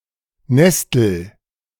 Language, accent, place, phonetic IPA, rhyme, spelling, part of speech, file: German, Germany, Berlin, [ˈnɛstl̩], -ɛstl̩, nestel, verb, De-nestel.ogg
- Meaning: inflection of nesteln: 1. first-person singular present 2. singular imperative